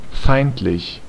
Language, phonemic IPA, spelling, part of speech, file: German, /ˈfaɪ̯ntlɪç/, feindlich, adjective, De-feindlich.ogg
- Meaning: 1. enemy 2. hostile, inimical (expressing or behaving with hostility)